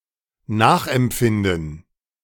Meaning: 1. to cause oneself to experience (an emotion, a feeling) by way of empathy; to understand, to appreciate 2. to feel for 3. to model
- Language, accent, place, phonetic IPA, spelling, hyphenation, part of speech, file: German, Germany, Berlin, [ˈnaːxʔɛmˌp͡fɪndn̩], nachempfinden, nach‧emp‧fin‧den, verb, De-nachempfinden.ogg